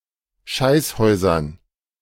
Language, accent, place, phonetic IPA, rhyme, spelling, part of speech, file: German, Germany, Berlin, [ˈʃaɪ̯sˌhɔɪ̯zɐn], -aɪ̯shɔɪ̯zɐn, Scheißhäusern, noun, De-Scheißhäusern.ogg
- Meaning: dative plural of Scheißhaus